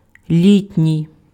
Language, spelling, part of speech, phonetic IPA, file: Ukrainian, літній, adjective, [ˈlʲitʲnʲii̯], Uk-літній.ogg
- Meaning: 1. summer (attributive), estival (of or pertaining to summer) 2. elderly